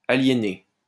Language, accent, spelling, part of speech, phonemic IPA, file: French, France, aliénée, verb / noun, /a.lje.ne/, LL-Q150 (fra)-aliénée.wav
- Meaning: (verb) feminine singular of aliéné; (noun) female equivalent of aliéné